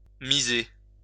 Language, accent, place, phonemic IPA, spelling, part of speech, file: French, France, Lyon, /mi.ze/, miser, verb, LL-Q150 (fra)-miser.wav
- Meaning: to bet (place a bet)